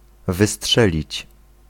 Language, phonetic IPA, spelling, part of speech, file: Polish, [vɨˈsṭʃɛlʲit͡ɕ], wystrzelić, verb, Pl-wystrzelić.ogg